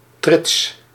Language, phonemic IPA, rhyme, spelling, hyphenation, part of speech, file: Dutch, /trɪts/, -ɪts, trits, trits, noun, Nl-trits.ogg
- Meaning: 1. triad, triplet, trine (group or series of three) 2. three of a kind 3. a grouping of more than three elements